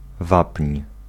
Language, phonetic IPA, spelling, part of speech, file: Polish, [vapʲɲ̊], wapń, noun, Pl-wapń.ogg